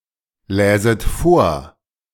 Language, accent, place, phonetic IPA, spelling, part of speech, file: German, Germany, Berlin, [ˌlɛːzət ˈfoːɐ̯], läset vor, verb, De-läset vor.ogg
- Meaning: second-person plural subjunctive II of vorlesen